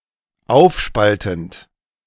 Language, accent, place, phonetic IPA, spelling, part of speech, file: German, Germany, Berlin, [ˈaʊ̯fˌʃpaltn̩t], aufspaltend, verb, De-aufspaltend.ogg
- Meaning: present participle of aufspalten